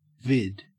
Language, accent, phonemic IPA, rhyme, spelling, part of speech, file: English, Australia, /vɪd/, -ɪd, vid, noun, En-au-vid.ogg
- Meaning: 1. Clipping of video 2. Clipping of videotape